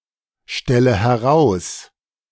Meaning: inflection of herausstellen: 1. first-person singular present 2. first/third-person singular subjunctive I 3. singular imperative
- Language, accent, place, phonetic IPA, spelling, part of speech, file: German, Germany, Berlin, [ˌʃtɛlə hɛˈʁaʊ̯s], stelle heraus, verb, De-stelle heraus.ogg